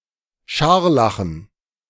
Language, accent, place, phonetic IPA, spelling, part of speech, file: German, Germany, Berlin, [ˈʃaʁlaxn̩], Scharlachen, noun, De-Scharlachen.ogg
- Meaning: dative plural of Scharlach